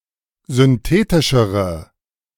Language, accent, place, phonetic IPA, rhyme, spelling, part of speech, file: German, Germany, Berlin, [zʏnˈteːtɪʃəʁə], -eːtɪʃəʁə, synthetischere, adjective, De-synthetischere.ogg
- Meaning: inflection of synthetisch: 1. strong/mixed nominative/accusative feminine singular comparative degree 2. strong nominative/accusative plural comparative degree